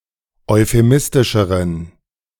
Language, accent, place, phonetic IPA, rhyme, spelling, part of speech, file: German, Germany, Berlin, [ɔɪ̯feˈmɪstɪʃəʁən], -ɪstɪʃəʁən, euphemistischeren, adjective, De-euphemistischeren.ogg
- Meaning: inflection of euphemistisch: 1. strong genitive masculine/neuter singular comparative degree 2. weak/mixed genitive/dative all-gender singular comparative degree